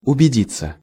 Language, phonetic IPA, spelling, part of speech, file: Russian, [ʊbʲɪˈdʲit͡sːə], убедиться, verb, Ru-убедиться.ogg
- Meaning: 1. to be convinced, to receive evidence 2. to make sure, to make certain 3. passive of убеди́ть (ubedítʹ)